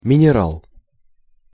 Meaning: mineral
- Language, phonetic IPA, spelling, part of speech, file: Russian, [mʲɪnʲɪˈraɫ], минерал, noun, Ru-минерал.ogg